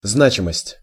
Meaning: 1. meaningfulness 2. significance, importance
- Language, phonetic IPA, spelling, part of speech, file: Russian, [ˈznat͡ɕɪməsʲtʲ], значимость, noun, Ru-значимость.ogg